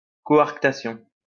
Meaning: coarctation
- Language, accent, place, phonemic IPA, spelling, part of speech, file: French, France, Lyon, /kɔ.aʁk.ta.sjɔ̃/, coarctation, noun, LL-Q150 (fra)-coarctation.wav